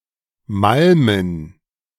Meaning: to grind loudly (the teeth, for example as part of the process of eating or as bruxism)
- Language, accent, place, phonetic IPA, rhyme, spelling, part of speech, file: German, Germany, Berlin, [ˈmalmən], -almən, malmen, verb, De-malmen.ogg